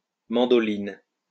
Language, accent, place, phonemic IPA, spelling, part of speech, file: French, France, Lyon, /mɑ̃.dɔ.lin/, mandoline, noun, LL-Q150 (fra)-mandoline.wav
- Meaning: 1. mandolin 2. vegetable slicer, mandoline